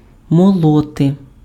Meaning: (verb) 1. to grind, to mill 2. to talk nonsense, bang on about; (noun) nominative/accusative plural of мо́лот (mólot)
- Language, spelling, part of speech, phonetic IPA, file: Ukrainian, молоти, verb / noun, [mɔˈɫɔte], Uk-молоти.ogg